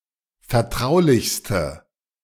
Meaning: inflection of vertraulich: 1. strong/mixed nominative/accusative feminine singular superlative degree 2. strong nominative/accusative plural superlative degree
- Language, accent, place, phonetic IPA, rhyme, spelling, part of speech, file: German, Germany, Berlin, [fɛɐ̯ˈtʁaʊ̯lɪçstə], -aʊ̯lɪçstə, vertraulichste, adjective, De-vertraulichste.ogg